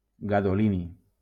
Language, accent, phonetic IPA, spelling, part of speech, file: Catalan, Valencia, [ɡa.ðoˈli.ni], gadolini, noun, LL-Q7026 (cat)-gadolini.wav
- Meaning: gadolinium